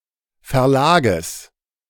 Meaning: genitive singular of Verlag
- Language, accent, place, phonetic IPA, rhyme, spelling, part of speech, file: German, Germany, Berlin, [fɛɐ̯ˈlaːɡəs], -aːɡəs, Verlages, noun, De-Verlages.ogg